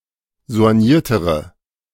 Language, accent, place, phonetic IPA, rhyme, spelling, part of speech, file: German, Germany, Berlin, [zo̯anˈjiːɐ̯təʁə], -iːɐ̯təʁə, soigniertere, adjective, De-soigniertere.ogg
- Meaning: inflection of soigniert: 1. strong/mixed nominative/accusative feminine singular comparative degree 2. strong nominative/accusative plural comparative degree